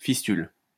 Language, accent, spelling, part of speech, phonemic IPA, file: French, France, fistule, noun, /fis.tyl/, LL-Q150 (fra)-fistule.wav
- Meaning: fistula